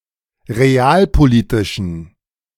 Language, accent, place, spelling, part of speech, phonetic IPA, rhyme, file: German, Germany, Berlin, realpolitischen, adjective, [ʁeˈaːlpoˌliːtɪʃn̩], -aːlpoliːtɪʃn̩, De-realpolitischen.ogg
- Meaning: inflection of realpolitisch: 1. strong genitive masculine/neuter singular 2. weak/mixed genitive/dative all-gender singular 3. strong/weak/mixed accusative masculine singular 4. strong dative plural